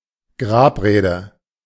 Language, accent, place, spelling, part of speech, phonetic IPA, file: German, Germany, Berlin, Grabrede, noun, [ˈɡʁaːpˌʁeːdə], De-Grabrede.ogg
- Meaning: eulogy